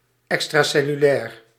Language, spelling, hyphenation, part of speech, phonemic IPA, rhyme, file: Dutch, extracellulair, ex‧tra‧cel‧lu‧lair, adjective, /ˌɛk.straː.sɛ.lyˈlɛːr/, -ɛːr, Nl-extracellulair.ogg
- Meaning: extracellular